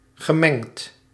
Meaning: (adjective) mixed; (verb) past participle of mengen
- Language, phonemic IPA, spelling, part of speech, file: Dutch, /ɣəˈmɛŋt/, gemengd, adjective / verb, Nl-gemengd.ogg